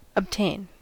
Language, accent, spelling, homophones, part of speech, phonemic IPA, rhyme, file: English, US, obtain, abthane, verb, /əbˈteɪn/, -eɪn, En-us-obtain.ogg
- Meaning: 1. To get hold of; to gain possession of, to procure; to acquire, in any way 2. To secure (that) a specific objective or state of affairs be reached 3. To prevail, be victorious; to succeed